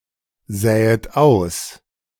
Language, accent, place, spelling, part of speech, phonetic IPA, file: German, Germany, Berlin, säet aus, verb, [ˌzɛːət ˈaʊ̯s], De-säet aus.ogg
- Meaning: second-person plural subjunctive I of aussäen